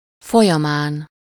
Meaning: during, in the course of
- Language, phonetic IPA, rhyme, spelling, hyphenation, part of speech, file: Hungarian, [ˈfojɒmaːn], -aːn, folyamán, fo‧lya‧mán, postposition, Hu-folyamán.ogg